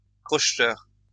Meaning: picklock (person)
- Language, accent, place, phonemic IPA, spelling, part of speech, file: French, France, Lyon, /kʁɔʃ.tœʁ/, crocheteur, noun, LL-Q150 (fra)-crocheteur.wav